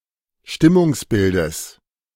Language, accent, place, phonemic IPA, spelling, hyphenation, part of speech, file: German, Germany, Berlin, /ˈʃtɪmʊŋsˌbɪldəs/, Stimmungsbildes, Stim‧mungs‧bil‧des, noun, De-Stimmungsbildes.ogg
- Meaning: genitive of Stimmungsbild